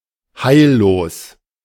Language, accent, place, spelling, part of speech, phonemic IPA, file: German, Germany, Berlin, heillos, adjective, /ˈhaɪ̯lloːs/, De-heillos.ogg
- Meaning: hopeless